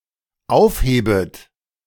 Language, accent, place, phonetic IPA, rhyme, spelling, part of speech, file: German, Germany, Berlin, [ˈaʊ̯fˌheːbət], -aʊ̯fheːbət, aufhebet, verb, De-aufhebet.ogg
- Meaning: second-person plural dependent subjunctive I of aufheben